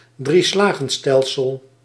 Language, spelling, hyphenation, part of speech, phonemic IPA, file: Dutch, drieslagstelsel, drie‧slag‧stel‧sel, noun, /ˈdri.slɑxˌstɛl.səl/, Nl-drieslagstelsel.ogg
- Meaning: three-field system (three-stage agricultural system of crop rotation, used in mediaeval and early modern times over a three-year period)